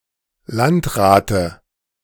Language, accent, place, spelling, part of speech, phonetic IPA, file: German, Germany, Berlin, Landrate, noun, [ˈlantˌʁaːtə], De-Landrate.ogg
- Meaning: dative singular of Landrat